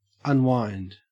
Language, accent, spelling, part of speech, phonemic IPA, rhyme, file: English, Australia, unwind, verb / noun, /ʌnˈwaɪnd/, -aɪnd, En-au-unwind.ogg
- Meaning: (verb) 1. To separate (something that is wound up) 2. To disentangle 3. To relax; to chill out; to rest and become relieved of stress